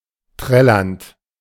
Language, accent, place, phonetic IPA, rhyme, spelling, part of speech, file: German, Germany, Berlin, [ˈtʁɛlɐnt], -ɛlɐnt, trällernd, verb, De-trällernd.ogg
- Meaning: present participle of trällern